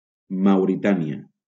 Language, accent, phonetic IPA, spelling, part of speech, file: Catalan, Valencia, [maw.ɾiˈta.ni.a], Mauritània, proper noun, LL-Q7026 (cat)-Mauritània.wav
- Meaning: Mauritania (a country in West Africa)